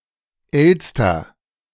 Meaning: magpie
- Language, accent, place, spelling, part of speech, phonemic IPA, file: German, Germany, Berlin, Elster, noun, /ˈʔɛlstɐ/, De-Elster2.ogg